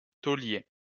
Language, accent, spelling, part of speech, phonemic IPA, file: French, France, tôlier, noun, /to.lje/, LL-Q150 (fra)-tôlier.wav
- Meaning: sheet metalworker